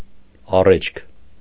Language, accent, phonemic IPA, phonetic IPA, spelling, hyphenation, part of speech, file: Armenian, Eastern Armenian, /ɑˈred͡ʒkʰ/, [ɑrét͡ʃʰkʰ], առէջք, ա‧ռէջք, noun, Hy-առէջք.ogg
- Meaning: alternative form of առէջ (aṙēǰ)